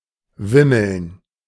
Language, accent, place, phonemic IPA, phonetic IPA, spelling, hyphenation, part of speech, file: German, Germany, Berlin, /ˈvɪməln/, [ˈvɪ.ml̩n], wimmeln, wim‧meln, verb, De-wimmeln.ogg
- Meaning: 1. to move about in a confused manner and in large numbers 2. to teem, crawl, be filled